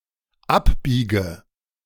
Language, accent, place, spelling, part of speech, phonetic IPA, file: German, Germany, Berlin, abbiege, verb, [ˈapˌbiːɡə], De-abbiege.ogg
- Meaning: inflection of abbiegen: 1. first-person singular dependent present 2. first/third-person singular dependent subjunctive I